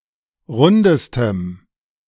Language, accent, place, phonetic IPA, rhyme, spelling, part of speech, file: German, Germany, Berlin, [ˈʁʊndəstəm], -ʊndəstəm, rundestem, adjective, De-rundestem.ogg
- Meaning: strong dative masculine/neuter singular superlative degree of rund